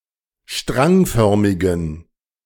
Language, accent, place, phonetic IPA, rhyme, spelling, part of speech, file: German, Germany, Berlin, [ˈʃtʁaŋˌfœʁmɪɡn̩], -aŋfœʁmɪɡn̩, strangförmigen, adjective, De-strangförmigen.ogg
- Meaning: inflection of strangförmig: 1. strong genitive masculine/neuter singular 2. weak/mixed genitive/dative all-gender singular 3. strong/weak/mixed accusative masculine singular 4. strong dative plural